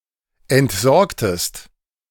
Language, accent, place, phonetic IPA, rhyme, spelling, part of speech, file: German, Germany, Berlin, [ɛntˈzɔʁktəst], -ɔʁktəst, entsorgtest, verb, De-entsorgtest.ogg
- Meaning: inflection of entsorgen: 1. second-person singular preterite 2. second-person singular subjunctive II